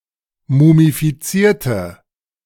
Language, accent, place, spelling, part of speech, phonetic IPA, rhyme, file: German, Germany, Berlin, mumifizierte, adjective / verb, [mumifiˈt͡siːɐ̯tə], -iːɐ̯tə, De-mumifizierte.ogg
- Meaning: inflection of mumifizieren: 1. first/third-person singular preterite 2. first/third-person singular subjunctive II